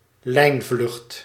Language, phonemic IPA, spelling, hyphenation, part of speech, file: Dutch, /ˈlɛi̯n.vlʏxt/, lijnvlucht, lijn‧vlucht, noun, Nl-lijnvlucht.ogg
- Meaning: a scheduled flight (default flight route with frequent flights; flight on such a route)